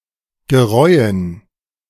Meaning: to repent, regret
- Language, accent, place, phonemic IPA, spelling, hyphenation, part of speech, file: German, Germany, Berlin, /ɡəˈʁɔɪ̯ən/, gereuen, ge‧reu‧en, verb, De-gereuen.ogg